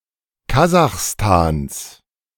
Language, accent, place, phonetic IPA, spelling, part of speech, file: German, Germany, Berlin, [ˈkazaxstans], Kasachstans, noun, De-Kasachstans.ogg
- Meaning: genitive singular of Kasachstan